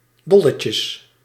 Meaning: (adjective) super, very fun, most enjoyable, amazing; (noun) plural of dolletje
- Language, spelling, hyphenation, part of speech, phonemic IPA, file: Dutch, dolletjes, dol‧le‧tjes, adjective / noun, /ˈdɔ.lə.tjəs/, Nl-dolletjes.ogg